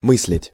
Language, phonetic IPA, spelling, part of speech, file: Russian, [ˈmɨs⁽ʲ⁾lʲɪtʲ], мыслить, verb, Ru-мыслить.ogg
- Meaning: to think